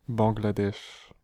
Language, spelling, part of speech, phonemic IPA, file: French, Bangladesh, proper noun, /bɑ̃.ɡla.dɛʃ/, Fr-Bangladesh.ogg
- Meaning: Bangladesh (a country in South Asia)